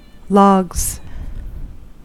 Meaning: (noun) plural of log; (verb) third-person singular simple present indicative of log
- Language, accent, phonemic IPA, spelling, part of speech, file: English, US, /lɔɡz/, logs, noun / verb, En-us-logs.ogg